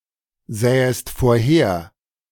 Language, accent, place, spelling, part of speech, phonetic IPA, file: German, Germany, Berlin, sähest vorher, verb, [ˌzɛːəst foːɐ̯ˈheːɐ̯], De-sähest vorher.ogg
- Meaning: second-person singular subjunctive II of vorhersehen